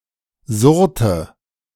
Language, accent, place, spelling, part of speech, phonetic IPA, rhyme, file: German, Germany, Berlin, surrte, verb, [ˈzʊʁtə], -ʊʁtə, De-surrte.ogg
- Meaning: inflection of surren: 1. first/third-person singular preterite 2. first/third-person singular subjunctive II